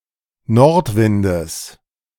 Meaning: genitive singular of Nordwind
- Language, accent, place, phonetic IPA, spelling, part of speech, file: German, Germany, Berlin, [ˈnɔʁtˌvɪndəs], Nordwindes, noun, De-Nordwindes.ogg